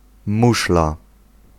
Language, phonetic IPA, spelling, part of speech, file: Polish, [ˈmuʃla], muszla, noun, Pl-muszla.ogg